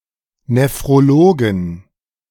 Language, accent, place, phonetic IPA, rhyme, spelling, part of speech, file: German, Germany, Berlin, [nefʁoˈloːɡn̩], -oːɡn̩, Nephrologen, noun, De-Nephrologen.ogg
- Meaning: 1. genitive singular of Nephrologe 2. plural of Nephrologe